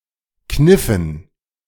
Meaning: dative plural of Kniff
- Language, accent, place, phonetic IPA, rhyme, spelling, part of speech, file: German, Germany, Berlin, [ˈknɪfn̩], -ɪfn̩, Kniffen, noun, De-Kniffen.ogg